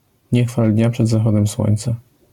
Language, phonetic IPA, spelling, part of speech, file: Polish, [ˈɲɛ‿xfal ˈdʲɲa ˌpʃɛd‿zaˈxɔdɛ̃m ˈswɔ̃j̃nt͡sa], nie chwal dnia przed zachodem słońca, proverb, LL-Q809 (pol)-nie chwal dnia przed zachodem słońca.wav